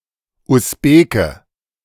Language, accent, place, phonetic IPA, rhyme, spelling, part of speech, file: German, Germany, Berlin, [ʊsˈbeːkə], -eːkə, Usbeke, noun, De-Usbeke.ogg
- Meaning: Uzbek (male or of unspecified gender) (native or inhabitant from Usbekistan)